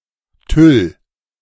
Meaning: tulle (fabric)
- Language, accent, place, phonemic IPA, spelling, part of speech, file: German, Germany, Berlin, /tʏl/, Tüll, noun, De-Tüll.ogg